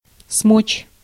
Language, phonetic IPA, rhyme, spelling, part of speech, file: Russian, [smot͡ɕ], -ot͡ɕ, смочь, verb, Ru-смочь.ogg
- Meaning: to be able, to manage